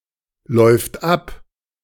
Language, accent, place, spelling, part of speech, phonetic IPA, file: German, Germany, Berlin, läuft ab, verb, [ˌlɔɪ̯ft ˈʔap], De-läuft ab.ogg
- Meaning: third-person singular present of ablaufen